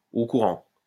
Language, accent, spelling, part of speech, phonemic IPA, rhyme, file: French, France, au courant, adjective, /o ku.ʁɑ̃/, -ɑ̃, LL-Q150 (fra)-au courant.wav
- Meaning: up to date, abreast; aware, informed, in the loop